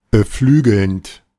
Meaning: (verb) present participle of beflügeln; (adjective) inspiring, stimulating
- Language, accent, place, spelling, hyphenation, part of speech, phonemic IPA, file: German, Germany, Berlin, beflügelnd, be‧flü‧gelnd, verb / adjective, /bəˈflyːɡl̩nt/, De-beflügelnd.ogg